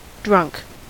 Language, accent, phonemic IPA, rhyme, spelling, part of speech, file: English, US, /dɹʌŋk/, -ʌŋk, drunk, adjective / adverb / noun / verb, En-us-drunk.ogg
- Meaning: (adjective) 1. Intoxicated as a result of excessive alcohol consumption, usually by drinking alcoholic beverages 2. Habitually or frequently in a state of intoxication 3. Elated or emboldened